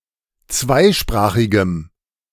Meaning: strong dative masculine/neuter singular of zweisprachig
- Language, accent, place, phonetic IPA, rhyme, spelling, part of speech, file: German, Germany, Berlin, [ˈt͡svaɪ̯ˌʃpʁaːxɪɡəm], -aɪ̯ʃpʁaːxɪɡəm, zweisprachigem, adjective, De-zweisprachigem.ogg